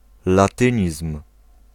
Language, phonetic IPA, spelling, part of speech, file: Polish, [laˈtɨ̃ɲism̥], latynizm, noun, Pl-latynizm.ogg